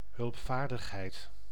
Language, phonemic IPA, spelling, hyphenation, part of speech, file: Dutch, /ɦʏlpˈfaːr.dəx.ɦɛi̯t/, hulpvaardigheid, hulp‧vaar‧dig‧heid, noun, Nl-hulpvaardigheid.ogg
- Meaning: helpfulness